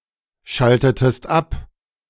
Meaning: inflection of abschalten: 1. second-person singular preterite 2. second-person singular subjunctive II
- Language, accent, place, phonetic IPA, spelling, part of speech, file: German, Germany, Berlin, [ˌʃaltətəst ˈap], schaltetest ab, verb, De-schaltetest ab.ogg